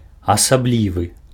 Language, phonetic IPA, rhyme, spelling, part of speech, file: Belarusian, [asaˈblʲivɨ], -ivɨ, асаблівы, adjective, Be-асаблівы.ogg
- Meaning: peculiar, special